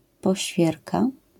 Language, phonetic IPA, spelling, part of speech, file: Polish, [pɔˈɕfʲjɛrka], poświerka, noun, LL-Q809 (pol)-poświerka.wav